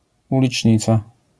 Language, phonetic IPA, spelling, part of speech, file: Polish, [ˌulʲit͡ʃʲˈɲit͡sa], ulicznica, noun, LL-Q809 (pol)-ulicznica.wav